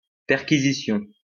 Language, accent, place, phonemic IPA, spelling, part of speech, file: French, France, Lyon, /pɛʁ.ki.zi.sjɔ̃/, perquisition, noun, LL-Q150 (fra)-perquisition.wav
- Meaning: act of searching for someone or something